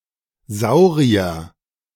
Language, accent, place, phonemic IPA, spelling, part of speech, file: German, Germany, Berlin, /ˈzaʊ̯ʁi̯ɐ/, Saurier, noun, De-Saurier.ogg
- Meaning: 1. saurian, reptile of the Sauria 2. dinosaur